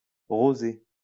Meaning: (adjective) pinkish; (noun) rosé (a pale pink wine)
- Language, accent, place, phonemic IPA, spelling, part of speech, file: French, France, Lyon, /ʁo.ze/, rosé, adjective / noun, LL-Q150 (fra)-rosé.wav